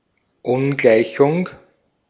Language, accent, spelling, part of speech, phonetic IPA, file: German, Austria, Ungleichung, noun, [ˈʊnˌɡlaɪ̯çʊŋ], De-at-Ungleichung.ogg
- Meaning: 1. inequality (a statement that one quantity is less (or greater) than another) 2. inequation